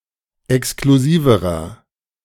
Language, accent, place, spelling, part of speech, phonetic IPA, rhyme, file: German, Germany, Berlin, exklusiverer, adjective, [ɛkskluˈziːvəʁɐ], -iːvəʁɐ, De-exklusiverer.ogg
- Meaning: inflection of exklusiv: 1. strong/mixed nominative masculine singular comparative degree 2. strong genitive/dative feminine singular comparative degree 3. strong genitive plural comparative degree